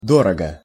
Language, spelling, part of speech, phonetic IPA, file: Russian, дорого, adverb / adjective, [ˈdorəɡə], Ru-дорого.ogg
- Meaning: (adverb) expensively, dearly (in an expensive manner, also figuratively); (adjective) short neuter singular of дорого́й (dorogój)